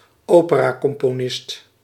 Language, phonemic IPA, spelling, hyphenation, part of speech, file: Dutch, /ˈoː.pə.raː.kɔm.poːˌnɪst/, operacomponist, ope‧ra‧com‧po‧nist, noun, Nl-operacomponist.ogg
- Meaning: opera composer